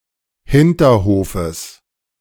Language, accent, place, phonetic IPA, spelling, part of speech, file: German, Germany, Berlin, [ˈhɪntɐˌhoːfəs], Hinterhofes, noun, De-Hinterhofes.ogg
- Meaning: genitive of Hinterhof